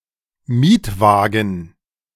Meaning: rental car, hired car
- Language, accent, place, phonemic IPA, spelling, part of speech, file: German, Germany, Berlin, /ˈmiːtˌvaːɡn̩/, Mietwagen, noun, De-Mietwagen.ogg